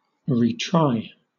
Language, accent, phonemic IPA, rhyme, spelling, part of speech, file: English, Southern England, /riˈtɹaɪ/, -aɪ, retry, verb, LL-Q1860 (eng)-retry.wav
- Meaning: 1. To try or attempt again 2. To try judicially a second time